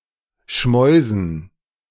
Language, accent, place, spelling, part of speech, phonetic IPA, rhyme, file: German, Germany, Berlin, Schmäusen, noun, [ˈʃmɔɪ̯zn̩], -ɔɪ̯zn̩, De-Schmäusen.ogg
- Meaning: dative plural of Schmaus